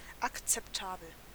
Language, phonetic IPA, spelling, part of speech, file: German, [aktsɛpˈtaːbl̩], akzeptabel, adjective, De-akzeptabel.ogg
- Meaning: acceptable